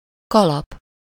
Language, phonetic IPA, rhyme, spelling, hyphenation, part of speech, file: Hungarian, [ˈkɒlɒp], -ɒp, kalap, ka‧lap, noun, Hu-kalap.ogg
- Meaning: 1. hat (head covering) 2. cap, pileus (the top part of a mushroom)